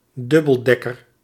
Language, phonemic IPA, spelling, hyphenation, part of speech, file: Dutch, /ˈdʏ.bəlˌdɛ.kər/, dubbeldekker, dub‧bel‧dek‧ker, noun, Nl-dubbeldekker.ogg
- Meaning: 1. biplane 2. double-decker bus